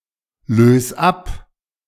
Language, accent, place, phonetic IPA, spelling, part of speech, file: German, Germany, Berlin, [ˌløːs ˈap], lös ab, verb, De-lös ab.ogg
- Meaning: 1. singular imperative of ablösen 2. first-person singular present of ablösen